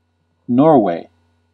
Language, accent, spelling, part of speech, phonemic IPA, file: English, US, Norway, proper noun / noun, /ˈnɔɹweɪ/, En-us-Norway.ogg
- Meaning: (proper noun) 1. A country in Scandinavia in Northern Europe. Official name: Kingdom of Norway 2. The former name of a neighbourhood in Toronto, Ontario, Canada, now Upper Beaches